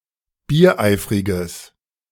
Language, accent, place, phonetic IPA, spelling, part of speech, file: German, Germany, Berlin, [biːɐ̯ˈʔaɪ̯fʁɪɡəs], biereifriges, adjective, De-biereifriges.ogg
- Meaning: strong/mixed nominative/accusative neuter singular of biereifrig